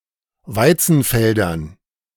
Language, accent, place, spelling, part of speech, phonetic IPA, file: German, Germany, Berlin, Weizenfeldern, noun, [ˈvaɪ̯t͡sn̩ˌfɛldɐn], De-Weizenfeldern.ogg
- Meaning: dative plural of Weizenfeld